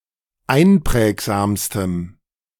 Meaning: strong dative masculine/neuter singular superlative degree of einprägsam
- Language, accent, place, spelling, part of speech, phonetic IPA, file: German, Germany, Berlin, einprägsamstem, adjective, [ˈaɪ̯nˌpʁɛːkzaːmstəm], De-einprägsamstem.ogg